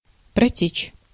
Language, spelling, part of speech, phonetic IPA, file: Russian, протечь, verb, [prɐˈtʲet͡ɕ], Ru-протечь.ogg
- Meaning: 1. to flow, to run 2. to leak, to ooze 3. to be leaky 4. to elapse, to fly